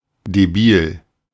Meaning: slightly mentally challenged; slightly retarded; moron
- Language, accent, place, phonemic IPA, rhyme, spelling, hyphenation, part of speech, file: German, Germany, Berlin, /deˈbiːl/, -iːl, debil, de‧bil, adjective, De-debil.ogg